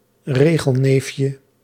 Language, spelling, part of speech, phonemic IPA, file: Dutch, regelneefje, noun, /ˈreɣəlˌnefjə/, Nl-regelneefje.ogg
- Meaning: diminutive of regelneef